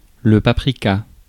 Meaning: paprika (powder used as a spice)
- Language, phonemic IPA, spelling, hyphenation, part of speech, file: French, /pa.pʁi.ka/, paprika, pa‧pri‧ka, noun, Fr-paprika.ogg